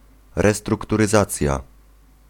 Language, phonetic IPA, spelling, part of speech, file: Polish, [ˌrɛstrukturɨˈzat͡sʲja], restrukturyzacja, noun, Pl-restrukturyzacja.ogg